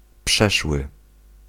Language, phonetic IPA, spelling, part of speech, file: Polish, [ˈpʃɛʃwɨ], przeszły, adjective / verb, Pl-przeszły.ogg